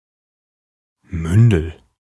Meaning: 1. ward (minor looked after by a guardian) 2. female ward (female minor looked after by a guardian)
- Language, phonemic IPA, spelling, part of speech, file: German, /ˈmʏndl̩/, Mündel, noun, De-Mündel.ogg